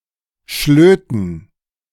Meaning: dative plural of Schlot
- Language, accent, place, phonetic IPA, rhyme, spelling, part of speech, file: German, Germany, Berlin, [ˈʃløːtn̩], -øːtn̩, Schlöten, noun, De-Schlöten.ogg